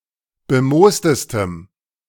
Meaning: strong dative masculine/neuter singular superlative degree of bemoost
- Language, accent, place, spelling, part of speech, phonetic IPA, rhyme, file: German, Germany, Berlin, bemoostestem, adjective, [bəˈmoːstəstəm], -oːstəstəm, De-bemoostestem.ogg